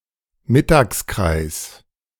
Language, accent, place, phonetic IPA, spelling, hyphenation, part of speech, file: German, Germany, Berlin, [ˈmɪtaːksˌkʀaɪ̯s], Mittagskreis, Mit‧tags‧kreis, noun, De-Mittagskreis.ogg
- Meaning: meridian